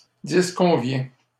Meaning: inflection of disconvenir: 1. first/second-person singular present indicative 2. second-person singular imperative
- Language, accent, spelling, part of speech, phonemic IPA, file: French, Canada, disconviens, verb, /dis.kɔ̃.vjɛ̃/, LL-Q150 (fra)-disconviens.wav